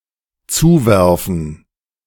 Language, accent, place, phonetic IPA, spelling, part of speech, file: German, Germany, Berlin, [ˈt͡suːˌvɛʁfn̩], zuwerfen, verb, De-zuwerfen.ogg
- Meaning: to throw (to someone)